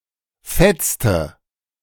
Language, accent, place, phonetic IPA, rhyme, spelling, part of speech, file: German, Germany, Berlin, [ˈfɛt͡stə], -ɛt͡stə, fetzte, verb, De-fetzte.ogg
- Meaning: inflection of fetzen: 1. first/third-person singular preterite 2. first/third-person singular subjunctive II